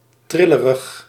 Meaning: shaky
- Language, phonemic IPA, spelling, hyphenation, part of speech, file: Dutch, /ˈtrɪ.lə.rəx/, trillerig, tril‧le‧rig, adjective, Nl-trillerig.ogg